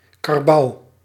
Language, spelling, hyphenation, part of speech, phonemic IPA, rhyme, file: Dutch, karbouw, kar‧bouw, noun, /kɑrˈbɑu̯/, -ɑu̯, Nl-karbouw.ogg
- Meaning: water buffalo (Bubalus bubalis)